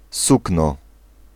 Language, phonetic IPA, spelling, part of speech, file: Polish, [ˈsuknɔ], sukno, noun, Pl-sukno.ogg